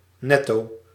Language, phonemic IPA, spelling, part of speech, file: Dutch, /ˈnɛto/, netto, adverb, Nl-netto.ogg
- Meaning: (adjective) net (including deductions)